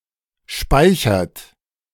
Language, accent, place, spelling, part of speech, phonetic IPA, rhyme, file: German, Germany, Berlin, speichert, verb, [ˈʃpaɪ̯çɐt], -aɪ̯çɐt, De-speichert.ogg
- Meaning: inflection of speichern: 1. third-person singular present 2. second-person plural present 3. plural imperative